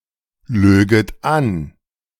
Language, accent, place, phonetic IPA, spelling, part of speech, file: German, Germany, Berlin, [ˌløːɡət ˈan], löget an, verb, De-löget an.ogg
- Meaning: second-person plural subjunctive II of anlügen